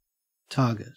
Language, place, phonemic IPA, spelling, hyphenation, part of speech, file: English, Queensland, /ˈtɐː.ɡɪt/, target, tar‧get, noun / verb, En-au-target.ogg
- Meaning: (noun) 1. A butt or mark to shoot at, as for practice, or to test the accuracy of a firearm, or the force of a projectile 2. A goal or objective 3. An object of criticism or ridicule